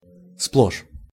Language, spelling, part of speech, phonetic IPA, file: Russian, сплошь, adverb, [spɫoʂ], Ru-сплошь.ogg
- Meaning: 1. completely, entirely 2. throughout, all over 3. nothing but